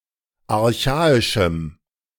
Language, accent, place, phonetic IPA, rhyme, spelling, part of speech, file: German, Germany, Berlin, [aʁˈçaːɪʃm̩], -aːɪʃm̩, archaischem, adjective, De-archaischem.ogg
- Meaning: strong dative masculine/neuter singular of archaisch